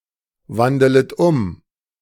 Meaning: second-person plural subjunctive I of umwandeln
- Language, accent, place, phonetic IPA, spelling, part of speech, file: German, Germany, Berlin, [ˌvandələt ˈʊm], wandelet um, verb, De-wandelet um.ogg